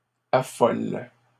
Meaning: second-person singular present indicative/subjunctive of affoler
- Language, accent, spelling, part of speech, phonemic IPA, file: French, Canada, affoles, verb, /a.fɔl/, LL-Q150 (fra)-affoles.wav